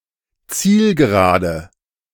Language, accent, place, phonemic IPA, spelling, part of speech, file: German, Germany, Berlin, /ˈt͡siːlɡəˌʁaːdə/, Zielgerade, noun, De-Zielgerade.ogg
- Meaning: home stretch, home straight